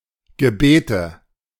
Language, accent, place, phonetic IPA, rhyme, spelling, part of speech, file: German, Germany, Berlin, [ɡəˈbeːtə], -eːtə, Gebete, noun, De-Gebete.ogg
- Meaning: nominative/accusative/genitive plural of Gebet